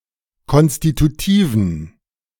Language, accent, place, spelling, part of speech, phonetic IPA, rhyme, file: German, Germany, Berlin, konstitutiven, adjective, [ˌkɔnstituˈtiːvn̩], -iːvn̩, De-konstitutiven.ogg
- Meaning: inflection of konstitutiv: 1. strong genitive masculine/neuter singular 2. weak/mixed genitive/dative all-gender singular 3. strong/weak/mixed accusative masculine singular 4. strong dative plural